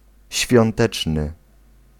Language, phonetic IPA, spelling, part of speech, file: Polish, [ɕfʲjɔ̃nˈtɛt͡ʃnɨ], świąteczny, adjective, Pl-świąteczny.ogg